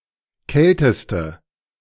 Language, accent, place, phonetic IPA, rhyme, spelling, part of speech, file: German, Germany, Berlin, [ˈkɛltəstə], -ɛltəstə, kälteste, adjective, De-kälteste.ogg
- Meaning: inflection of kalt: 1. strong/mixed nominative/accusative feminine singular superlative degree 2. strong nominative/accusative plural superlative degree